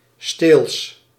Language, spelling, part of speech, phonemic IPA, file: Dutch, steels, adjective, /stels/, Nl-steels.ogg
- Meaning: furtive, secretive